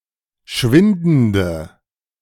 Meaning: inflection of schwindend: 1. strong/mixed nominative/accusative feminine singular 2. strong nominative/accusative plural 3. weak nominative all-gender singular
- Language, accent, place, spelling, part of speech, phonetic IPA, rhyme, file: German, Germany, Berlin, schwindende, adjective, [ˈʃvɪndn̩də], -ɪndn̩də, De-schwindende.ogg